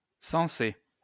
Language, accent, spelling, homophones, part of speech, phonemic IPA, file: French, France, censé, sensé, adjective, /sɑ̃.se/, LL-Q150 (fra)-censé.wav
- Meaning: supposed to, meant to